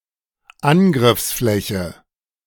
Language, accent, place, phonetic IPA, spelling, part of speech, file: German, Germany, Berlin, [ˈanɡʁɪfsˌflɛçə], Angriffsfläche, noun, De-Angriffsfläche.ogg
- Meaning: target